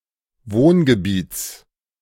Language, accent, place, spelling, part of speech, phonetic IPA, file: German, Germany, Berlin, Wohngebiets, noun, [ˈvoːnɡəˌbiːt͡s], De-Wohngebiets.ogg
- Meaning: genitive of Wohngebiet